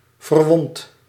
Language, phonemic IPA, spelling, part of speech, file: Dutch, /vərˈwɔnt/, verwond, verb, Nl-verwond.ogg
- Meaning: inflection of verwonden: 1. first-person singular present indicative 2. second-person singular present indicative 3. imperative